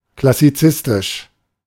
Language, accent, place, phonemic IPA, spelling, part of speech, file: German, Germany, Berlin, /klasiˈt͡sɪstɪʃ/, klassizistisch, adjective, De-klassizistisch.ogg
- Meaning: classicistic